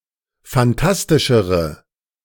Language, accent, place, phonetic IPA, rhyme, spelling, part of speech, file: German, Germany, Berlin, [fanˈtastɪʃəʁə], -astɪʃəʁə, phantastischere, adjective, De-phantastischere.ogg
- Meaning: inflection of phantastisch: 1. strong/mixed nominative/accusative feminine singular comparative degree 2. strong nominative/accusative plural comparative degree